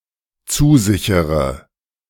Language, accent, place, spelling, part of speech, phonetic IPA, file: German, Germany, Berlin, zusichere, verb, [ˈt͡suːˌzɪçəʁə], De-zusichere.ogg
- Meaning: inflection of zusichern: 1. first-person singular dependent present 2. first/third-person singular dependent subjunctive I